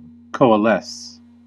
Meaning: 1. To join into a single mass or whole 2. To form from different pieces or elements
- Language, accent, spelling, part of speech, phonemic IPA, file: English, US, coalesce, verb, /ˌkoʊ.əˈlɛs/, En-us-coalesce.ogg